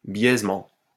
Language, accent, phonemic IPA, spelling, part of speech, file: French, France, /bjɛz.mɑ̃/, biaisement, noun, LL-Q150 (fra)-biaisement.wav
- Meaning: slant, skewing